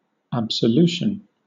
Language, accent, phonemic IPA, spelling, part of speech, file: English, Southern England, /æb.səˈljuː.ʃn̩/, absolution, noun, LL-Q1860 (eng)-absolution.wav
- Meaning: 1. An absolving of sins from ecclesiastical penalties by an authority 2. The forgiveness of sins, in a general sense 3. The form of words by which a penitent is absolved